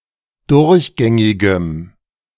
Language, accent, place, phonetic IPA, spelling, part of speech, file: German, Germany, Berlin, [ˈdʊʁçˌɡɛŋɪɡəm], durchgängigem, adjective, De-durchgängigem.ogg
- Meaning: strong dative masculine/neuter singular of durchgängig